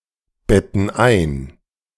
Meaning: inflection of einbetten: 1. first/third-person plural present 2. first/third-person plural subjunctive I
- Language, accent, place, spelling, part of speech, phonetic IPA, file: German, Germany, Berlin, betten ein, verb, [ˌbɛtn̩ ˈaɪ̯n], De-betten ein.ogg